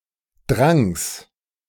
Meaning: genitive singular of Drang
- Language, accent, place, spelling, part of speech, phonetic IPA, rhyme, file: German, Germany, Berlin, Drangs, noun, [dʁaŋs], -aŋs, De-Drangs.ogg